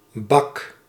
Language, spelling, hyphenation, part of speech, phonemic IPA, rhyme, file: Dutch, bak, bak, noun / verb, /bɑk/, -ɑk, Nl-bak.ogg
- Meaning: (noun) 1. container, such as a box, a crate, a tray or a tub 2. a large amount, lots 3. drinking vessel, usually a cup or mug 4. the slammer, jail, prison 5. a vehicle, a car 6. railway carriage